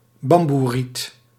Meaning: bamboo
- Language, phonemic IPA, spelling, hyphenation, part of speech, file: Dutch, /ˈbɑm.buˌrit/, bamboeriet, bam‧boe‧riet, noun, Nl-bamboeriet.ogg